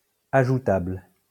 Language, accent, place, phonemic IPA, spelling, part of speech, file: French, France, Lyon, /a.ʒu.tabl/, ajoutable, adjective, LL-Q150 (fra)-ajoutable.wav
- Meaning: 1. addable 2. countable